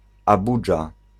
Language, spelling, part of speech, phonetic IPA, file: Polish, Abudża, proper noun, [aˈbud͡ʒa], Pl-Abudża.ogg